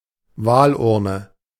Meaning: ballot box
- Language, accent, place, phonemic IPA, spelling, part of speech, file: German, Germany, Berlin, /ˈvaːlˌʔʊʁnə/, Wahlurne, noun, De-Wahlurne.ogg